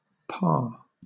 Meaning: Young salmon, at a stage between fry and smolt when they feed chiefly on invertebrates but cannot tolerate saltwater
- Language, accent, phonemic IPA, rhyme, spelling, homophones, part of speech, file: English, Southern England, /pɑː(ɹ)/, -ɑː(ɹ), parr, par / Parr, noun, LL-Q1860 (eng)-parr.wav